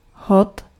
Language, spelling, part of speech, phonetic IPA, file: Czech, hod, noun, [ˈɦot], Cs-hod.ogg
- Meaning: 1. throw 2. feast day, holy day